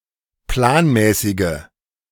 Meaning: inflection of planmäßig: 1. strong/mixed nominative/accusative feminine singular 2. strong nominative/accusative plural 3. weak nominative all-gender singular
- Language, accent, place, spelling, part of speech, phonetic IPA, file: German, Germany, Berlin, planmäßige, adjective, [ˈplaːnˌmɛːsɪɡə], De-planmäßige.ogg